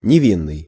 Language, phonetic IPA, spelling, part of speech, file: Russian, [nʲɪˈvʲinːɨj], невинный, adjective, Ru-невинный.ogg
- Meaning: 1. innocent, guiltless 2. harmless, innocuous 3. naive